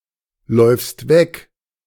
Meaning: second-person singular present of weglaufen
- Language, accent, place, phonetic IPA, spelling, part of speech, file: German, Germany, Berlin, [ˌlɔɪ̯fst ˈvɛk], läufst weg, verb, De-läufst weg.ogg